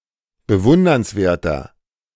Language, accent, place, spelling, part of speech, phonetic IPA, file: German, Germany, Berlin, bewundernswerter, adjective, [bəˈvʊndɐnsˌveːɐ̯tɐ], De-bewundernswerter.ogg
- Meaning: 1. comparative degree of bewundernswert 2. inflection of bewundernswert: strong/mixed nominative masculine singular 3. inflection of bewundernswert: strong genitive/dative feminine singular